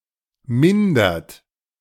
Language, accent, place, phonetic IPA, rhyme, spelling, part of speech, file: German, Germany, Berlin, [ˈmɪndɐt], -ɪndɐt, mindert, verb, De-mindert.ogg
- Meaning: inflection of mindern: 1. second-person plural present 2. third-person singular present 3. plural imperative